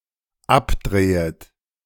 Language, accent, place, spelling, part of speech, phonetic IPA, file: German, Germany, Berlin, abdrehet, verb, [ˈapˌdʁeːət], De-abdrehet.ogg
- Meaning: second-person plural dependent subjunctive I of abdrehen